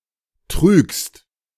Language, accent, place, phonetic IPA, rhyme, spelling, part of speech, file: German, Germany, Berlin, [tʁyːkst], -yːkst, trügst, verb, De-trügst.ogg
- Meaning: second-person singular present of trügen